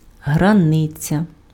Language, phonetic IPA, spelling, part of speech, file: Ukrainian, [ɦrɐˈnɪt͡sʲɐ], границя, noun, Uk-границя.ogg
- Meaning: boundary, frontier, border